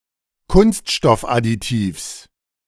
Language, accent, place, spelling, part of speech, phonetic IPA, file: German, Germany, Berlin, Kunststoffadditivs, noun, [ˈkʊnstʃtɔfʔadiˌtiːfs], De-Kunststoffadditivs.ogg
- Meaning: genitive singular of Kunststoffadditiv